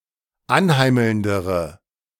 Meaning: inflection of anheimelnd: 1. strong/mixed nominative/accusative feminine singular comparative degree 2. strong nominative/accusative plural comparative degree
- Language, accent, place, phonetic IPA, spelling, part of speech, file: German, Germany, Berlin, [ˈanˌhaɪ̯ml̩ndəʁə], anheimelndere, adjective, De-anheimelndere.ogg